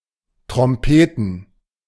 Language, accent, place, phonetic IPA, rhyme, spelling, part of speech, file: German, Germany, Berlin, [tʁɔmˈpeːtn̩], -eːtn̩, trompeten, verb, De-trompeten.ogg
- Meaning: to trumpet